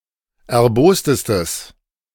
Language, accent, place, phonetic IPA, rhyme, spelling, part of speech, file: German, Germany, Berlin, [ɛɐ̯ˈboːstəstəs], -oːstəstəs, erbostestes, adjective, De-erbostestes.ogg
- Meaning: strong/mixed nominative/accusative neuter singular superlative degree of erbost